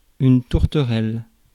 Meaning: 1. turtle dove / turtle-dove / turtledove 2. dove grey
- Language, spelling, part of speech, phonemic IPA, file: French, tourterelle, noun, /tuʁ.tə.ʁɛl/, Fr-tourterelle.ogg